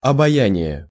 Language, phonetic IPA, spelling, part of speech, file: Russian, [ɐbɐˈjænʲɪje], обаяние, noun, Ru-обаяние.ogg
- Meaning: attraction, charm, fascination, spell (quality of inspiring delight or admiration)